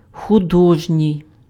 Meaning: artistic
- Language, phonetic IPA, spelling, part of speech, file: Ukrainian, [xʊˈdɔʒnʲii̯], художній, adjective, Uk-художній.ogg